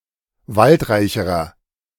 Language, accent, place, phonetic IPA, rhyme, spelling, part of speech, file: German, Germany, Berlin, [ˈvaltˌʁaɪ̯çəʁɐ], -altʁaɪ̯çəʁɐ, waldreicherer, adjective, De-waldreicherer.ogg
- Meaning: inflection of waldreich: 1. strong/mixed nominative masculine singular comparative degree 2. strong genitive/dative feminine singular comparative degree 3. strong genitive plural comparative degree